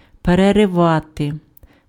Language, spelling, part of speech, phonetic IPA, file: Ukrainian, переривати, verb, [perereˈʋate], Uk-переривати.ogg
- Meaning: 1. to break, to tear, to rend 2. to interrupt, to break off, to discontinue